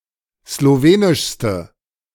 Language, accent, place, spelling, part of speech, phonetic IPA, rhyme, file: German, Germany, Berlin, slowenischste, adjective, [sloˈveːnɪʃstə], -eːnɪʃstə, De-slowenischste.ogg
- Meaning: inflection of slowenisch: 1. strong/mixed nominative/accusative feminine singular superlative degree 2. strong nominative/accusative plural superlative degree